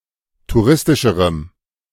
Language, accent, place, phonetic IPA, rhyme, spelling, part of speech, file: German, Germany, Berlin, [tuˈʁɪstɪʃəʁəm], -ɪstɪʃəʁəm, touristischerem, adjective, De-touristischerem.ogg
- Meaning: strong dative masculine/neuter singular comparative degree of touristisch